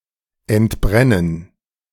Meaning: to break out, flare up, erupt
- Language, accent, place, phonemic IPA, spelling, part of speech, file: German, Germany, Berlin, /ɛntˈbʁɛnən/, entbrennen, verb, De-entbrennen.ogg